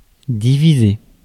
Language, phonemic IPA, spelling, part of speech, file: French, /di.vi.ze/, diviser, verb, Fr-diviser.ogg
- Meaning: to divide